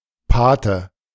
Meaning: godfather
- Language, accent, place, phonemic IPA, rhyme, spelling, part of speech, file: German, Germany, Berlin, /paːtə/, -aːtə, Pate, noun, De-Pate.ogg